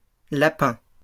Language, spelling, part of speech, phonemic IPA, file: French, lapins, noun, /la.pɛ̃/, LL-Q150 (fra)-lapins.wav
- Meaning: plural of lapin